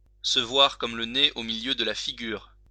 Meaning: to be plain as the nose on one's face, obvious, conspicuous, visible, clear as day
- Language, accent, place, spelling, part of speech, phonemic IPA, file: French, France, Lyon, se voir comme le nez au milieu de la figure, verb, /sə vwaʁ kɔm lə ne o mi.ljø d(ə) la fi.ɡyʁ/, LL-Q150 (fra)-se voir comme le nez au milieu de la figure.wav